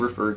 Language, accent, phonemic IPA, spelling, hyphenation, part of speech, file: English, US, /ɹɪˈfɝ/, refer, re‧fer, verb, En-us-refer.ogg
- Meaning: 1. To direct the attention of (someone toward something) 2. To submit to (another person or group) for consideration; to send or direct elsewhere